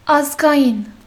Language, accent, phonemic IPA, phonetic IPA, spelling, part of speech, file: Armenian, Western Armenian, /ɑskɑˈjin/, [ɑskʰɑjín], ազգային, adjective / noun, HyW-ազգային.ogg
- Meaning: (adjective) 1. national 2. ethnic; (noun) compatriot, someone of the same ethnicity regardless of citizenship (usually an Armenian)